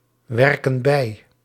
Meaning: inflection of bijwerken: 1. plural present indicative 2. plural present subjunctive
- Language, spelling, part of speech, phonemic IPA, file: Dutch, werken bij, verb, /ˈwɛrkə(n) ˈbɛi/, Nl-werken bij.ogg